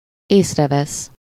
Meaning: 1. to observe, to notice, to perceive, to become aware of, to discern 2. to catch sight of, to see, to spot
- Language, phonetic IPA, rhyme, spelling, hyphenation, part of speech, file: Hungarian, [ˈeːsrɛvɛs], -ɛs, észrevesz, ész‧re‧vesz, verb, Hu-észrevesz.ogg